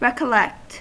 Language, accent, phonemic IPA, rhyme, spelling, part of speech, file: English, US, /ɹɛkəˈlɛkt/, -ɛkt, recollect, verb, En-us-recollect.ogg
- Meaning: To recall; to collect one's thoughts again, especially about past events